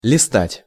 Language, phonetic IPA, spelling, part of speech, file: Russian, [lʲɪˈstatʲ], листать, verb, Ru-листать.ogg
- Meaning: 1. to leaf through, to flip through (a book, manuscript, etc.) 2. to skim, to browse (a book, manuscript, etc.)